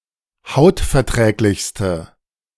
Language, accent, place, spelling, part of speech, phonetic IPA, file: German, Germany, Berlin, hautverträglichste, adjective, [ˈhaʊ̯tfɛɐ̯ˌtʁɛːklɪçstə], De-hautverträglichste.ogg
- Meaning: inflection of hautverträglich: 1. strong/mixed nominative/accusative feminine singular superlative degree 2. strong nominative/accusative plural superlative degree